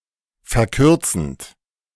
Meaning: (verb) present participle of verkürzen; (adjective) abridging, shortening, contracting
- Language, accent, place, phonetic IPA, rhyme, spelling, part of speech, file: German, Germany, Berlin, [fɛɐ̯ˈkʏʁt͡sn̩t], -ʏʁt͡sn̩t, verkürzend, verb, De-verkürzend.ogg